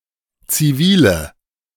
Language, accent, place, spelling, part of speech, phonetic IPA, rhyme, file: German, Germany, Berlin, zivile, adjective, [t͡siˈviːlə], -iːlə, De-zivile.ogg
- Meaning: inflection of zivil: 1. strong/mixed nominative/accusative feminine singular 2. strong nominative/accusative plural 3. weak nominative all-gender singular 4. weak accusative feminine/neuter singular